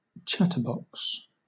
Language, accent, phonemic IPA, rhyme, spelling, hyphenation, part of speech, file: English, Southern England, /ˈtʃæ.tə(ɹ)ˌbɒks/, -ætə(ɹ)bɒks, chatterbox, chat‧ter‧box, noun, LL-Q1860 (eng)-chatterbox.wav
- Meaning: 1. One who chats or talks to excess 2. Synonym of cootie catcher (“children's fortune-telling device”) 3. Synonym of chatterbot 4. The orchid Epipactis gigantea